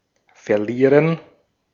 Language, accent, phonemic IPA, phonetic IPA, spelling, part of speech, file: German, Austria, /fɛrˈliːrən/, [fɛɐ̯ˈliː.ʁən], verlieren, verb, De-at-verlieren.ogg
- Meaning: 1. to lose (something, or a game) 2. to shed 3. to trail away, to fade away 4. to get lost